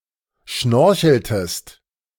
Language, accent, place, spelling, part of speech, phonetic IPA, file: German, Germany, Berlin, schnorcheltest, verb, [ˈʃnɔʁçl̩təst], De-schnorcheltest.ogg
- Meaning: inflection of schnorcheln: 1. second-person singular preterite 2. second-person singular subjunctive II